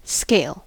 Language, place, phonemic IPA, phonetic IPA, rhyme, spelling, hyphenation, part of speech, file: English, California, /skeɪl/, [skeɪ̯(ə)ɫ], -eɪl, scale, scale, noun / verb, En-us-scale.ogg
- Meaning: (noun) 1. A ladder; a series of steps; a means of ascending 2. An ordered, usually numerical sequence used for measurement; means of assigning a magnitude 3. Size; scope